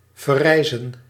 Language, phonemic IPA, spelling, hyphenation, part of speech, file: Dutch, /vərˈrɛi̯.zə(n)/, verrijzen, ver‧rij‧zen, verb, Nl-verrijzen.ogg
- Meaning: to arise